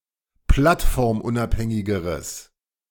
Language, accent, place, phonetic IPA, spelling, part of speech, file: German, Germany, Berlin, [ˈplatfɔʁmˌʔʊnʔaphɛŋɪɡəʁəs], plattformunabhängigeres, adjective, De-plattformunabhängigeres.ogg
- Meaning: strong/mixed nominative/accusative neuter singular comparative degree of plattformunabhängig